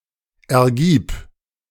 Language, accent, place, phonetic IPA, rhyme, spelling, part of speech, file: German, Germany, Berlin, [ɛɐ̯ˈɡiːp], -iːp, ergib, verb, De-ergib.ogg
- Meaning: singular imperative of ergeben